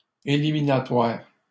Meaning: plural of éliminatoire
- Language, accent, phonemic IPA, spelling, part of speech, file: French, Canada, /e.li.mi.na.twaʁ/, éliminatoires, adjective, LL-Q150 (fra)-éliminatoires.wav